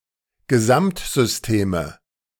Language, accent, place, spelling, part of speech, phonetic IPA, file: German, Germany, Berlin, Gesamtsysteme, noun, [ɡəˈzamtzʏsˌteːmə], De-Gesamtsysteme.ogg
- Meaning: nominative/accusative/genitive plural of Gesamtsystem